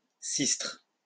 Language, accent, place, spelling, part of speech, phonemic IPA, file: French, France, Lyon, cistre, noun, /sistʁ/, LL-Q150 (fra)-cistre.wav
- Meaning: cittern